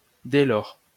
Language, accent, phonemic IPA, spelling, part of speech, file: French, France, /dɛ lɔʁ/, dès lors, adverb, LL-Q150 (fra)-dès lors.wav
- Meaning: 1. thence, thenceforth 2. from that moment/time 3. as a result, therefore